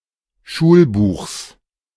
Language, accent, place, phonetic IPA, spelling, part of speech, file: German, Germany, Berlin, [ˈʃuːlˌbuːxs], Schulbuchs, noun, De-Schulbuchs.ogg
- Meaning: genitive singular of Schulbuch